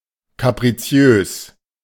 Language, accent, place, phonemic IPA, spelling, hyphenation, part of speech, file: German, Germany, Berlin, /kapʁiˈt͡si̯øːs/, kapriziös, ka‧pri‧zi‧ös, adjective, De-kapriziös.ogg
- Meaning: capricious